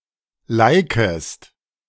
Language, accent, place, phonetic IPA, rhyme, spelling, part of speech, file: German, Germany, Berlin, [ˈlaɪ̯kəst], -aɪ̯kəst, likest, verb, De-likest.ogg
- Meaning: second-person singular subjunctive I of liken